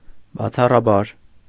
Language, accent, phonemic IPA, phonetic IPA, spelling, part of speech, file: Armenian, Eastern Armenian, /bɑt͡sʰɑrɑˈbɑɾ/, [bɑt͡sʰɑrɑbɑ́ɾ], բացառաբար, adverb, Hy-բացառաբար.ogg
- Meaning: 1. exceptionally 2. unusually, uncommonly